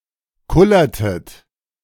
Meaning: inflection of kullern: 1. second-person plural preterite 2. second-person plural subjunctive II
- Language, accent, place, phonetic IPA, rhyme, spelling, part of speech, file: German, Germany, Berlin, [ˈkʊlɐtət], -ʊlɐtət, kullertet, verb, De-kullertet.ogg